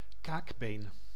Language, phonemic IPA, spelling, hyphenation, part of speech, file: Dutch, /ˈkaːk.beːn/, kaakbeen, kaak‧been, noun, Nl-kaakbeen.ogg
- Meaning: jawbone